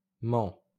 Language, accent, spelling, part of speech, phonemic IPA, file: French, France, m'en, contraction, /m‿ɑ̃/, LL-Q150 (fra)-m'en.wav
- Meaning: me + en